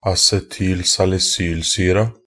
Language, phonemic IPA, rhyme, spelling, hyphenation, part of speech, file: Norwegian Bokmål, /asɛtyːl.salɪˈsyːlsyːra/, -yːra, acetylsalisylsyra, a‧ce‧tyl‧sal‧i‧syl‧sy‧ra, noun, Nb-acetylsalisylsyra.ogg
- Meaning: definite feminine singular of acetylsalisylsyre